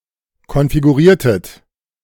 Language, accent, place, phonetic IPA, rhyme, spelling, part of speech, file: German, Germany, Berlin, [kɔnfiɡuˈʁiːɐ̯tət], -iːɐ̯tət, konfiguriertet, verb, De-konfiguriertet.ogg
- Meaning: inflection of konfigurieren: 1. second-person plural preterite 2. second-person plural subjunctive II